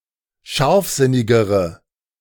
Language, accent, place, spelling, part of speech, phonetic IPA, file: German, Germany, Berlin, scharfsinnigere, adjective, [ˈʃaʁfˌzɪnɪɡəʁə], De-scharfsinnigere.ogg
- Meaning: inflection of scharfsinnig: 1. strong/mixed nominative/accusative feminine singular comparative degree 2. strong nominative/accusative plural comparative degree